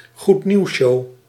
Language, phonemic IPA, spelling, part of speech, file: Dutch, /ɣutˈniwʃo/, goednieuwsshow, noun, Nl-goednieuwsshow.ogg
- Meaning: a widely communicated story that minimalizes or negates the underlying problems